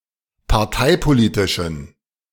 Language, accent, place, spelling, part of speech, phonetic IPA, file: German, Germany, Berlin, parteipolitischen, adjective, [paʁˈtaɪ̯poˌliːtɪʃn̩], De-parteipolitischen.ogg
- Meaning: inflection of parteipolitisch: 1. strong genitive masculine/neuter singular 2. weak/mixed genitive/dative all-gender singular 3. strong/weak/mixed accusative masculine singular 4. strong dative plural